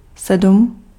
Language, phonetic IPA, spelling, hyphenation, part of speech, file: Czech, [ˈsɛdm̩], sedm, sedm, numeral, Cs-sedm.ogg
- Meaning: seven